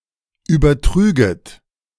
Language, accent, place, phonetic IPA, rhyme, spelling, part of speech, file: German, Germany, Berlin, [ˌyːbɐˈtʁyːɡət], -yːɡət, übertrüget, verb, De-übertrüget.ogg
- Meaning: second-person plural subjunctive II of übertragen